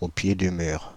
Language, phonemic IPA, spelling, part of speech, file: French, /o pje dy myʁ/, au pied du mur, adjective, Fr-au pied du mur.ogg
- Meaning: cornered, up against the wall, up against it